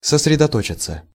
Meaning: 1. to concentrate, to focus (intransitive) 2. passive of сосредото́чить (sosredotóčitʹ)
- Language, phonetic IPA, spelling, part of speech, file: Russian, [səsrʲɪdɐˈtot͡ɕɪt͡sə], сосредоточиться, verb, Ru-сосредоточиться.ogg